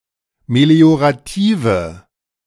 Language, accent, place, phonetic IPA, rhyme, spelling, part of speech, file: German, Germany, Berlin, [meli̯oʁaˈtiːvə], -iːvə, meliorative, adjective, De-meliorative.ogg
- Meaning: inflection of meliorativ: 1. strong/mixed nominative/accusative feminine singular 2. strong nominative/accusative plural 3. weak nominative all-gender singular